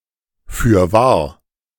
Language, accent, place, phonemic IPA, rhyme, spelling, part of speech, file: German, Germany, Berlin, /fyːɐ̯ˈvaːɐ̯/, -aːɐ̯, fürwahr, adverb, De-fürwahr.ogg
- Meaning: forsooth, for sure, indeed